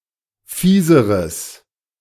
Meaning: strong/mixed nominative/accusative neuter singular comparative degree of fies
- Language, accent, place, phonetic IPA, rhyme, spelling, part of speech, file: German, Germany, Berlin, [ˈfiːzəʁəs], -iːzəʁəs, fieseres, adjective, De-fieseres.ogg